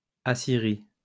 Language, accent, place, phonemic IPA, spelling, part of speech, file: French, France, Lyon, /a.si.ʁi/, Assyrie, proper noun, LL-Q150 (fra)-Assyrie.wav